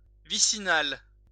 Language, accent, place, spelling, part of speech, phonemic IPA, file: French, France, Lyon, vicinal, adjective, /vi.si.nal/, LL-Q150 (fra)-vicinal.wav
- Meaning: vicinal